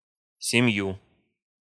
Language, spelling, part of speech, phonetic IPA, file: Russian, семью, numeral / noun, [sʲɪˈm⁽ʲ⁾ju], Ru-семью.ogg
- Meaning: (numeral) instrumental of семь (semʹ); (noun) accusative singular of семья́ (semʹjá)